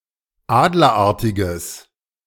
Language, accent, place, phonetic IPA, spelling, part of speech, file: German, Germany, Berlin, [ˈaːdlɐˌʔaʁtɪɡəs], adlerartiges, adjective, De-adlerartiges.ogg
- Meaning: strong/mixed nominative/accusative neuter singular of adlerartig